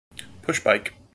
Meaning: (noun) A pedal bicycle, as distinguished from a motorized bicycle; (verb) To travel by pushbike
- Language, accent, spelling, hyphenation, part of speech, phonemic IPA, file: English, General American, pushbike, push‧bike, noun / verb, /ˈpʊʃˌbaɪk/, En-us-pushbike.mp3